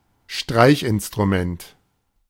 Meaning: bowed string instrument
- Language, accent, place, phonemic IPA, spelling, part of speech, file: German, Germany, Berlin, /ˈʃtʁaɪ̯çʔɪnstʁuˌmɛnt/, Streichinstrument, noun, De-Streichinstrument.ogg